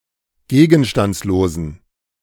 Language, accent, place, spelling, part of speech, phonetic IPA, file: German, Germany, Berlin, gegenstandslosen, adjective, [ˈɡeːɡn̩ʃtant͡sloːzn̩], De-gegenstandslosen.ogg
- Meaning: inflection of gegenstandslos: 1. strong genitive masculine/neuter singular 2. weak/mixed genitive/dative all-gender singular 3. strong/weak/mixed accusative masculine singular 4. strong dative plural